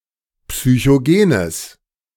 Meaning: strong/mixed nominative/accusative neuter singular of psychogen
- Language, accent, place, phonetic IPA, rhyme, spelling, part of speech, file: German, Germany, Berlin, [psyçoˈɡeːnəs], -eːnəs, psychogenes, adjective, De-psychogenes.ogg